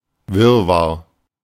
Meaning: confusion, commotion, chaos, jumble, muddle
- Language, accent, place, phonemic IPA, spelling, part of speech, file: German, Germany, Berlin, /ˈvɪrvar/, Wirrwarr, noun, De-Wirrwarr.ogg